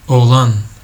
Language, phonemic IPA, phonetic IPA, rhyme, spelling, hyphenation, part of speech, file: Turkish, /oːˈɫan/, [o̞ːˈɫ̪ɑn̪], -an, oğlan, oğ‧lan, noun, Tr tr oğlan.ogg
- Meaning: 1. boy, male child 2. youth, young man 3. knave, jack in playing cards 4. catamite 5. a male servant 6. womb